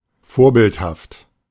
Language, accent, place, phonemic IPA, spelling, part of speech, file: German, Germany, Berlin, /ˈfoːɐ̯ˌbɪlthaft/, vorbildhaft, adjective, De-vorbildhaft.ogg
- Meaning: exemplary